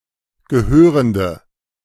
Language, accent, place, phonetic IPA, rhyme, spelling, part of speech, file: German, Germany, Berlin, [ɡəˈhøːʁəndə], -øːʁəndə, gehörende, adjective, De-gehörende.ogg
- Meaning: inflection of gehörend: 1. strong/mixed nominative/accusative feminine singular 2. strong nominative/accusative plural 3. weak nominative all-gender singular